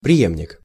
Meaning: 1. successor 2. heir
- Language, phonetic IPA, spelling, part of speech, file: Russian, [prʲɪˈjemnʲɪk], преемник, noun, Ru-преемник.ogg